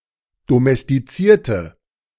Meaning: inflection of domestizieren: 1. first/third-person singular preterite 2. first/third-person singular subjunctive II
- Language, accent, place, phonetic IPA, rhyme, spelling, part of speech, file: German, Germany, Berlin, [domɛstiˈt͡siːɐ̯tə], -iːɐ̯tə, domestizierte, adjective / verb, De-domestizierte.ogg